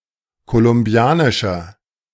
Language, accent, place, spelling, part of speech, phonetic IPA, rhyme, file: German, Germany, Berlin, kolumbianischer, adjective, [kolʊmˈbi̯aːnɪʃɐ], -aːnɪʃɐ, De-kolumbianischer.ogg
- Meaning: inflection of kolumbianisch: 1. strong/mixed nominative masculine singular 2. strong genitive/dative feminine singular 3. strong genitive plural